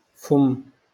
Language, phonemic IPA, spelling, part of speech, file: Moroccan Arabic, /fumː/, فم, noun, LL-Q56426 (ary)-فم.wav
- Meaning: mouth